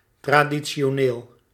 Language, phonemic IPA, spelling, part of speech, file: Dutch, /tradiʦʲoˈnel/, traditioneel, adjective, Nl-traditioneel.ogg
- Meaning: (adjective) traditional; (adverb) traditionally